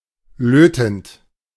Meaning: present participle of löten
- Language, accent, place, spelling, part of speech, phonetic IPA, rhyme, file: German, Germany, Berlin, lötend, verb, [ˈløːtn̩t], -øːtn̩t, De-lötend.ogg